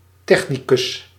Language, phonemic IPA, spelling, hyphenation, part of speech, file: Dutch, /ˈtɛx.niˌkʏs/, technicus, tech‧ni‧cus, noun, Nl-technicus.ogg
- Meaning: a technician, a technical expert